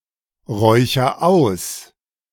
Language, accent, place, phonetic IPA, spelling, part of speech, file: German, Germany, Berlin, [ˌʁɔɪ̯çɐ ˈaʊ̯s], räucher aus, verb, De-räucher aus.ogg
- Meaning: inflection of ausräuchern: 1. first-person singular present 2. singular imperative